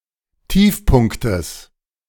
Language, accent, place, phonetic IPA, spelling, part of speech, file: German, Germany, Berlin, [ˈtiːfˌpʊnktəs], Tiefpunktes, noun, De-Tiefpunktes.ogg
- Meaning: genitive singular of Tiefpunkt